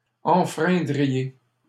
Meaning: second-person plural conditional of enfreindre
- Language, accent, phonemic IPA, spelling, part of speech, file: French, Canada, /ɑ̃.fʁɛ̃.dʁi.je/, enfreindriez, verb, LL-Q150 (fra)-enfreindriez.wav